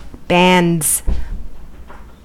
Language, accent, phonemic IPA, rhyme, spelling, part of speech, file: English, US, /bændz/, -ændz, bands, noun / verb, En-us-bands.ogg
- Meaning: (noun) plural of band; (verb) third-person singular simple present indicative of band